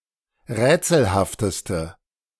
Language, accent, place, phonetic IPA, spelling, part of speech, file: German, Germany, Berlin, [ˈʁɛːt͡sl̩haftəstə], rätselhafteste, adjective, De-rätselhafteste.ogg
- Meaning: inflection of rätselhaft: 1. strong/mixed nominative/accusative feminine singular superlative degree 2. strong nominative/accusative plural superlative degree